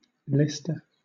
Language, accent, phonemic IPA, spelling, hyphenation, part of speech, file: English, Southern England, /ˈliːstə/, leister, lei‧ster, noun / verb, LL-Q1860 (eng)-leister.wav
- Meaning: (noun) A spear armed with three or more barbed prongs for catching fish, particularly salmon; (verb) To catch or spear (fish) with a leister